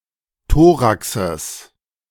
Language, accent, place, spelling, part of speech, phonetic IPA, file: German, Germany, Berlin, Thoraxes, noun, [ˈtoːʁaksəs], De-Thoraxes.ogg
- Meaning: genitive of Thorax